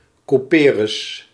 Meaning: a surname
- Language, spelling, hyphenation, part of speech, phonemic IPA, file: Dutch, Couperus, Cou‧pe‧rus, proper noun, /ˌkuˈpeː.rʏs/, Nl-Couperus.ogg